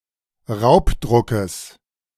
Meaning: genitive of Raubdruck
- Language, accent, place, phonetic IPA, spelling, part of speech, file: German, Germany, Berlin, [ˈʁaʊ̯pˌdʁʊkəs], Raubdruckes, noun, De-Raubdruckes.ogg